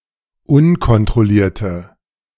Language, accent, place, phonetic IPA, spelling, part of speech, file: German, Germany, Berlin, [ˈʊnkɔntʁɔˌliːɐ̯tə], unkontrollierte, adjective, De-unkontrollierte.ogg
- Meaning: inflection of unkontrolliert: 1. strong/mixed nominative/accusative feminine singular 2. strong nominative/accusative plural 3. weak nominative all-gender singular